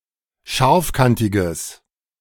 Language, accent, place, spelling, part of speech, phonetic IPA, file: German, Germany, Berlin, scharfkantiges, adjective, [ˈʃaʁfˌkantɪɡəs], De-scharfkantiges.ogg
- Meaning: strong/mixed nominative/accusative neuter singular of scharfkantig